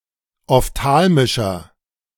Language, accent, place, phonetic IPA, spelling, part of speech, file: German, Germany, Berlin, [ɔfˈtaːlmɪʃɐ], ophthalmischer, adjective, De-ophthalmischer.ogg
- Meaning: inflection of ophthalmisch: 1. strong/mixed nominative masculine singular 2. strong genitive/dative feminine singular 3. strong genitive plural